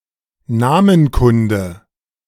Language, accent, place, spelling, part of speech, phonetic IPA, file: German, Germany, Berlin, Namenkunde, noun, [ˈnaːmənˌkʊndə], De-Namenkunde.ogg
- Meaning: onomastics